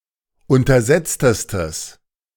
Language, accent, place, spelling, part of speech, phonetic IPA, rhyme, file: German, Germany, Berlin, untersetztestes, adjective, [ˌʊntɐˈzɛt͡stəstəs], -ɛt͡stəstəs, De-untersetztestes.ogg
- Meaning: strong/mixed nominative/accusative neuter singular superlative degree of untersetzt